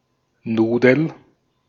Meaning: 1. a noodle, a string or lump of pasta 2. pasta 3. certain other kinds of pastries 4. a person, usually female, who is funny and cheerful, especially when also having a pleasantly plump, buxom figure
- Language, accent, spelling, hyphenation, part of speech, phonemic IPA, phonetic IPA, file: German, Austria, Nudel, Nu‧del, noun, /ˈnuːdəl/, [ˈnuːdl̩], De-at-Nudel.ogg